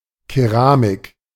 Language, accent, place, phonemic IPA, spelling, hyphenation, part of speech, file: German, Germany, Berlin, /keˈʁaːmɪk/, Keramik, Ke‧ra‧mik, noun / proper noun, De-Keramik.ogg
- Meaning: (noun) 1. ceramic, pottery 2. ceramics; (proper noun) Keramik (a rural settlement in Ocheretyne settlement hromada, Pokrovsk Raion, Donetsk Oblast, Ukraine)